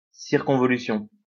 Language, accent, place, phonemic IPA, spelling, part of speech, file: French, France, Lyon, /siʁ.kɔ̃.vɔ.ly.sjɔ̃/, circonvolution, noun, LL-Q150 (fra)-circonvolution.wav
- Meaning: convolution, twist